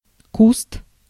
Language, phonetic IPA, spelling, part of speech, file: Russian, [kust], куст, noun, Ru-куст.ogg
- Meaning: 1. bush, shrub 2. wellsite